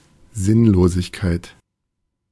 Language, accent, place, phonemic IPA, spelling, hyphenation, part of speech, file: German, Germany, Berlin, /ˈzɪnloːzɪçkaɪ̯t/, Sinnlosigkeit, Sinn‧lo‧sig‧keit, noun, De-Sinnlosigkeit.ogg
- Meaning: senselessness